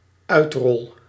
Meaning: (noun) roll-out, (gradual) implementation; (verb) first-person singular dependent-clause present indicative of uitrollen
- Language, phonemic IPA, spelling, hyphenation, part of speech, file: Dutch, /ˈœy̯t.rɔl/, uitrol, uit‧rol, noun / verb, Nl-uitrol.ogg